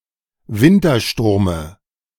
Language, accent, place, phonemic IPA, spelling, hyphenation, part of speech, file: German, Germany, Berlin, /ˈvɪntɐˌʃtʊʁmə/, Wintersturme, Win‧ter‧stur‧me, noun, De-Wintersturme.ogg
- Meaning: dative singular of Wintersturm